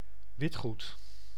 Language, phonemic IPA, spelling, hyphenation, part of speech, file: Dutch, /ˈʋɪt.xut/, witgoed, wit‧goed, noun, Nl-witgoed.ogg
- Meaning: 1. kitchen appliances and laundry appliances, that are devices that are often white or of a light colour 2. white fabrics and clothes